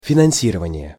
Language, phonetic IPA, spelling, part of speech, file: Russian, [fʲɪnɐn⁽ʲ⁾ˈsʲirəvənʲɪje], финансирование, noun, Ru-финансирование.ogg
- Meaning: funding, financing (money provided as funds or the act of funding)